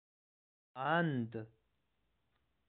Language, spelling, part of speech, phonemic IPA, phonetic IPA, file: Pashto, اند, noun, /and/, [än̪d̪], And-Pashto.ogg
- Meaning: view, thought